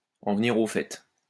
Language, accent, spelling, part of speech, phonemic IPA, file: French, France, en venir au fait, verb, /ɑ̃ v(ə).ni.ʁ‿o fɛ/, LL-Q150 (fra)-en venir au fait.wav
- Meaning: to get to the point, to cut to the chase